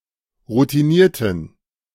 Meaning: inflection of routiniert: 1. strong genitive masculine/neuter singular 2. weak/mixed genitive/dative all-gender singular 3. strong/weak/mixed accusative masculine singular 4. strong dative plural
- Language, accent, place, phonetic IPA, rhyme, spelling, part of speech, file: German, Germany, Berlin, [ʁutiˈniːɐ̯tn̩], -iːɐ̯tn̩, routinierten, adjective, De-routinierten.ogg